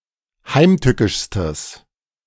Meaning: strong/mixed nominative/accusative neuter singular superlative degree of heimtückisch
- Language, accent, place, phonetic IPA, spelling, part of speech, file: German, Germany, Berlin, [ˈhaɪ̯mˌtʏkɪʃstəs], heimtückischstes, adjective, De-heimtückischstes.ogg